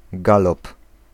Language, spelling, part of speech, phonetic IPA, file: Polish, galop, noun, [ˈɡalɔp], Pl-galop.ogg